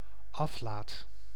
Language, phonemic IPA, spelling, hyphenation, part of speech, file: Dutch, /ˈɑf.laːt/, aflaat, af‧laat, noun, Nl-aflaat.ogg
- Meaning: indulgence, reduction of expected punishment in purgatory